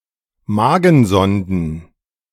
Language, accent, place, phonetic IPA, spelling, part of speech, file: German, Germany, Berlin, [ˈmaːɡn̩ˌzɔndn̩], Magensonden, noun, De-Magensonden.ogg
- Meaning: plural of Magensonde